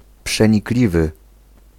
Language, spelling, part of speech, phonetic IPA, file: Polish, przenikliwy, adjective, [ˌpʃɛ̃ɲikˈlʲivɨ], Pl-przenikliwy.ogg